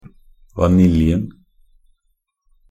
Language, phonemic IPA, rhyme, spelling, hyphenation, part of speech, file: Norwegian Bokmål, /vaˈnɪljn̩/, -ɪljn̩, vaniljen, va‧nil‧jen, noun, Nb-vaniljen.ogg
- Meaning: definite singular of vanilje